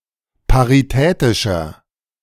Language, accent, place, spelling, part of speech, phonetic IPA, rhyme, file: German, Germany, Berlin, paritätischer, adjective, [paʁiˈtɛːtɪʃɐ], -ɛːtɪʃɐ, De-paritätischer.ogg
- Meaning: 1. comparative degree of paritätisch 2. inflection of paritätisch: strong/mixed nominative masculine singular 3. inflection of paritätisch: strong genitive/dative feminine singular